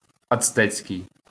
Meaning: 1. Aztec (of or pertaining to Aztec peoples or civilization) 2. Aztec (of or pertaining to the Aztec (Nahuatl) language)
- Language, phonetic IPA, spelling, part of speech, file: Ukrainian, [ɐt͡sˈtɛksʲkei̯], ацтекський, adjective, LL-Q8798 (ukr)-ацтекський.wav